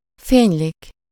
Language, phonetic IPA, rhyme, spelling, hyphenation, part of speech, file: Hungarian, [ˈfeːɲlik], -eːɲlik, fénylik, fény‧lik, verb, Hu-fénylik.ogg
- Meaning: to shine, glitter